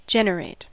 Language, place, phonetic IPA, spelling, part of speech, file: English, California, [ˈd͡ʒɛn.ɹeɪt], generate, verb, En-us-generate.ogg
- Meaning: 1. To bring into being; give rise to 2. To produce as a result of a chemical or physical process 3. To procreate, beget 4. To form a figure from a curve or solid 5. To appear or occur; be generated